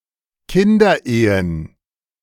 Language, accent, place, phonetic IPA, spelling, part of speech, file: German, Germany, Berlin, [ˈkɪndɐˌʔeːən], Kinderehen, noun, De-Kinderehen.ogg
- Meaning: plural of Kinderehe